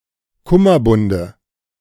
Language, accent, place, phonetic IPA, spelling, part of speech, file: German, Germany, Berlin, [ˈkʊmɐˌbʊndə], Kummerbunde, noun, De-Kummerbunde.ogg
- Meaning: nominative/accusative/genitive plural of Kummerbund